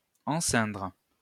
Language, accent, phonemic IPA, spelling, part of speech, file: French, France, /ɑ̃.sɛ̃dʁ/, enceindre, verb, LL-Q150 (fra)-enceindre.wav
- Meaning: to surround